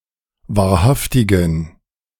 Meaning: inflection of wahrhaftig: 1. strong genitive masculine/neuter singular 2. weak/mixed genitive/dative all-gender singular 3. strong/weak/mixed accusative masculine singular 4. strong dative plural
- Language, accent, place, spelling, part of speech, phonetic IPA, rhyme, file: German, Germany, Berlin, wahrhaftigen, adjective, [vaːɐ̯ˈhaftɪɡn̩], -aftɪɡn̩, De-wahrhaftigen.ogg